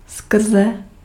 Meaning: alternative form of skrz
- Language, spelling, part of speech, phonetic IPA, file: Czech, skrze, preposition, [ˈskr̩zɛ], Cs-skrze.ogg